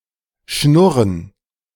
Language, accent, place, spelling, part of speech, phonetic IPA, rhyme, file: German, Germany, Berlin, Schnurren, noun, [ˈʃnʊʁən], -ʊʁən, De-Schnurren.ogg
- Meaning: 1. purr 2. a hum: the sound made by the smooth running of a mechanical system, like a well-maintained chain of a running bicycle 3. plural of Schnurre